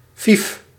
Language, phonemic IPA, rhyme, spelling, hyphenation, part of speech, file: Dutch, /vif/, -if, vief, vief, adjective / numeral, Nl-vief.ogg
- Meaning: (adjective) energetic, lively, active; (numeral) five